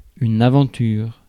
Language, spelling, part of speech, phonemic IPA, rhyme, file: French, aventure, noun, /a.vɑ̃.tyʁ/, -yʁ, Fr-aventure.ogg
- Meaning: 1. adventure 2. venture 3. affair